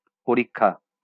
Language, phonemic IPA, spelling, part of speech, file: Bengali, /poɾikkʰa/, পরীক্ষা, noun, LL-Q9610 (ben)-পরীক্ষা.wav
- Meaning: exam, examination, test